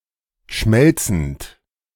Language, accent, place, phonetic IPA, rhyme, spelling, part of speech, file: German, Germany, Berlin, [ˈʃmɛlt͡sn̩t], -ɛlt͡sn̩t, schmelzend, verb, De-schmelzend.ogg
- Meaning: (verb) present participle of schmelzen; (adjective) 1. melting 2. mellifluous 3. languorous